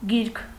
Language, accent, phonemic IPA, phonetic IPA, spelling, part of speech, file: Armenian, Eastern Armenian, /ɡiɾkʰ/, [ɡiɾkʰ], գիրք, noun, Hy-գիրք.ogg
- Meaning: book